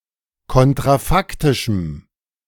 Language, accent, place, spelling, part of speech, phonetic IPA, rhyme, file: German, Germany, Berlin, kontrafaktischem, adjective, [ˌkɔntʁaˈfaktɪʃm̩], -aktɪʃm̩, De-kontrafaktischem.ogg
- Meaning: strong dative masculine/neuter singular of kontrafaktisch